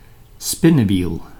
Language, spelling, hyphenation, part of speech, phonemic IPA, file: Dutch, spinnewiel, spin‧ne‧wiel, noun, /ˈspɪ.nəˌʋil/, Nl-spinnewiel.ogg
- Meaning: spinning wheel